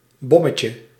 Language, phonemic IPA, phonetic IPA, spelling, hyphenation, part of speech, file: Dutch, /ˈbɔ.mə.tjə/, [ˈbɔ.mə.cə], bommetje, bom‧me‧tje, noun, Nl-bommetje.ogg
- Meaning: 1. diminutive of bom 2. cannonball (jump into water in a flexed position)